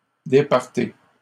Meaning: inflection of départir: 1. second-person plural present indicative 2. second-person plural imperative
- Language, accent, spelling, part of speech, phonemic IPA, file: French, Canada, départez, verb, /de.paʁ.te/, LL-Q150 (fra)-départez.wav